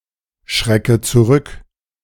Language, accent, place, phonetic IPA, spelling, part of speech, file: German, Germany, Berlin, [ˌʃʁɛkə t͡suˈʁʏk], schrecke zurück, verb, De-schrecke zurück.ogg
- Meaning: inflection of zurückschrecken: 1. first-person singular present 2. first/third-person singular subjunctive I 3. singular imperative